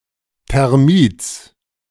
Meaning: genitive singular of Thermit
- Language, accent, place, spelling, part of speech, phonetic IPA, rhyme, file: German, Germany, Berlin, Thermits, noun, [tɛʁˈmiːt͡s], -iːt͡s, De-Thermits.ogg